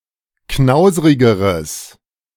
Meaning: strong/mixed nominative/accusative neuter singular comparative degree of knauserig
- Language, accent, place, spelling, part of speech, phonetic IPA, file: German, Germany, Berlin, knauserigeres, adjective, [ˈknaʊ̯zəʁɪɡəʁəs], De-knauserigeres.ogg